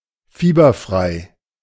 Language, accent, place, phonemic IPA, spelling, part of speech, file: German, Germany, Berlin, /ˈfiːbɐˌfʁaɪ̯/, fieberfrei, adjective, De-fieberfrei.ogg
- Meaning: feverless, afebrile